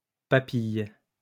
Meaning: 1. papilla 2. ellipsis of papille gustative (“tastebud”)
- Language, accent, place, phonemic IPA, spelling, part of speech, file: French, France, Lyon, /pa.pij/, papille, noun, LL-Q150 (fra)-papille.wav